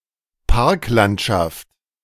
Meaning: parkland
- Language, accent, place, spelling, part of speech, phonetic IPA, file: German, Germany, Berlin, Parklandschaft, noun, [ˈpaʁkˌlantʃaft], De-Parklandschaft.ogg